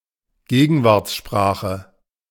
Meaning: contemporary language
- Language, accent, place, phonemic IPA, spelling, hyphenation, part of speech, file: German, Germany, Berlin, /ˈɡeːɡn̩vaʁt͡sˌʃpʁaːxə/, Gegenwartssprache, Ge‧gen‧warts‧spra‧che, noun, De-Gegenwartssprache.ogg